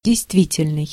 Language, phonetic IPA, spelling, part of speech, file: Russian, [dʲɪjstˈvʲitʲɪlʲnɨj], действительный, adjective, Ru-действительный.ogg
- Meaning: 1. real, actual, valid 2. current 3. active 4. real